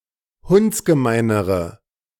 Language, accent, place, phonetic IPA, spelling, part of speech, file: German, Germany, Berlin, [ˈhʊnt͡sɡəˌmaɪ̯nəʁə], hundsgemeinere, adjective, De-hundsgemeinere.ogg
- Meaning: inflection of hundsgemein: 1. strong/mixed nominative/accusative feminine singular comparative degree 2. strong nominative/accusative plural comparative degree